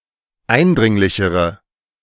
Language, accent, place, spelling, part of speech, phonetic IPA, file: German, Germany, Berlin, eindringlichere, adjective, [ˈaɪ̯nˌdʁɪŋlɪçəʁə], De-eindringlichere.ogg
- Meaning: inflection of eindringlich: 1. strong/mixed nominative/accusative feminine singular comparative degree 2. strong nominative/accusative plural comparative degree